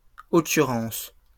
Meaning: plural of occurrence
- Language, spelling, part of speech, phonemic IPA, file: French, occurrences, noun, /ɔ.ky.ʁɑ̃s/, LL-Q150 (fra)-occurrences.wav